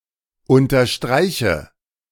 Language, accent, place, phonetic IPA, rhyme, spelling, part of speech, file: German, Germany, Berlin, [ˌʊntɐˈʃtʁaɪ̯çə], -aɪ̯çə, unterstreiche, verb, De-unterstreiche.ogg
- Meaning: inflection of unterstreichen: 1. first-person singular present 2. first/third-person singular subjunctive I 3. singular imperative